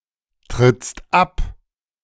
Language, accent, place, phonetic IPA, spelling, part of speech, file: German, Germany, Berlin, [ˌtʁɪt͡st ˈap], trittst ab, verb, De-trittst ab.ogg
- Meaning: second-person singular present of abtreten